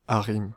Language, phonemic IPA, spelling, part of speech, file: French, /a.ʁim/, ARYM, proper noun, Fr-ARYM.ogg
- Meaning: acronym of Ancienne République yougoslave de Macédoine (= former Yugoslav Republic of Macedonia), former long form of North Macedonia: a country in Southeastern Europe on the Balkan Peninsula: FYROM